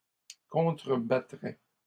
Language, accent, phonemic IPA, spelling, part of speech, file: French, Canada, /kɔ̃.tʁə.ba.tʁɛ/, contrebattraient, verb, LL-Q150 (fra)-contrebattraient.wav
- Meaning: third-person plural conditional of contrebattre